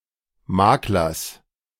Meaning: genitive singular of Makler
- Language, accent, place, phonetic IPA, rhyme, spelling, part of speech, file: German, Germany, Berlin, [ˈmaːklɐs], -aːklɐs, Maklers, noun, De-Maklers.ogg